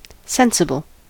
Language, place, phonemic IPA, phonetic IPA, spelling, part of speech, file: English, California, /ˈsɛn.sə.bəl/, [ˈsɛn.sə.bl̩], sensible, adjective / noun, En-us-sensible.ogg
- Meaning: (adjective) Acting with or showing good sense; able to make good judgements based on reason or wisdom, or reflecting such ability